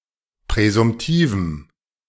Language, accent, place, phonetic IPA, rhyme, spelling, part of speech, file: German, Germany, Berlin, [pʁɛzʊmˈtiːvm̩], -iːvm̩, präsumtivem, adjective, De-präsumtivem.ogg
- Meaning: strong dative masculine/neuter singular of präsumtiv